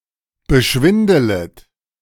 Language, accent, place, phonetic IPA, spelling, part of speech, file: German, Germany, Berlin, [bəˈʃvɪndələt], beschwindelet, verb, De-beschwindelet.ogg
- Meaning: second-person plural subjunctive I of beschwindeln